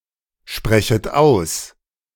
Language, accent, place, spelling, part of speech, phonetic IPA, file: German, Germany, Berlin, sprechet aus, verb, [ˌʃpʁɛçət ˈaʊ̯s], De-sprechet aus.ogg
- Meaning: second-person plural subjunctive I of aussprechen